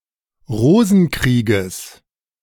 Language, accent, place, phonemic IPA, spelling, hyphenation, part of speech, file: German, Germany, Berlin, /ˈʁoːzn̩ˌkʁiːɡəs/, Rosenkrieges, Ro‧sen‧krie‧ges, noun, De-Rosenkrieges.ogg
- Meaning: genitive singular of Rosenkrieg